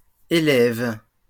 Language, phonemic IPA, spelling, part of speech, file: French, /e.lɛv/, élèves, verb / noun, LL-Q150 (fra)-élèves.wav
- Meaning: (verb) second-person singular present indicative/subjunctive of élever; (noun) plural of élève